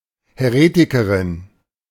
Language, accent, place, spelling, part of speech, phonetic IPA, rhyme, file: German, Germany, Berlin, Häretikerin, noun, [hɛˈʁeːtɪkəʁɪn], -eːtɪkəʁɪn, De-Häretikerin.ogg
- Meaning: female heretic